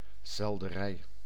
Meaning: celery (Apium graveolens, a herb)
- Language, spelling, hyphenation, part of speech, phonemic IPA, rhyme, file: Dutch, selderij, sel‧de‧rij, noun, /ˌsɛl.dəˈrɛi̯/, -ɛi̯, Nl-selderij.ogg